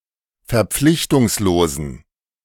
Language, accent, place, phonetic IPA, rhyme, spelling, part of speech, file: German, Germany, Berlin, [fɛɐ̯ˈp͡flɪçtʊŋsloːzn̩], -ɪçtʊŋsloːzn̩, verpflichtungslosen, adjective, De-verpflichtungslosen.ogg
- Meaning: inflection of verpflichtungslos: 1. strong genitive masculine/neuter singular 2. weak/mixed genitive/dative all-gender singular 3. strong/weak/mixed accusative masculine singular